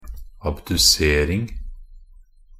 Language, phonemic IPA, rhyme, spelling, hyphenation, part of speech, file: Norwegian Bokmål, /abdʉˈseːrɪŋ/, -ɪŋ, abdusering, ab‧du‧ser‧ing, noun, Nb-abdusering.ogg
- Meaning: the act of abducing or abducting